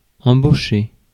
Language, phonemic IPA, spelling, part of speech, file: French, /ɑ̃.bo.ʃe/, embaucher, verb, Fr-embaucher.ogg
- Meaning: to hire, to employ